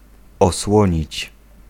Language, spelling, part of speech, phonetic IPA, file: Polish, osłonić, verb, [ɔsˈwɔ̃ɲit͡ɕ], Pl-osłonić.ogg